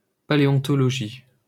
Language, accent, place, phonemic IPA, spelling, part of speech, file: French, France, Paris, /pa.le.ɔ̃.tɔ.lɔ.ʒi/, paléontologie, noun, LL-Q150 (fra)-paléontologie.wav
- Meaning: paleontology (study of prehistoric forms of life)